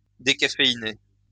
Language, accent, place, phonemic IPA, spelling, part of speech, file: French, France, Lyon, /de.ka.fe.i.ne/, décaféiné, adjective / noun / verb, LL-Q150 (fra)-décaféiné.wav
- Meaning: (adjective) decaffeinated; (noun) decaffeinated coffee, decaf; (verb) past participle of décaféiner